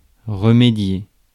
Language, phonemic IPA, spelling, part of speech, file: French, /ʁə.me.dje/, remédier, verb, Fr-remédier.ogg
- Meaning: to remedy, to cure; to fix